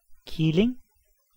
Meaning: 1. kitten (young cat) 2. leveret (young hare)
- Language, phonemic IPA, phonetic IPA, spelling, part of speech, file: Danish, /kilenɡ/, [ˈkʰileŋ], killing, noun, Da-killing.ogg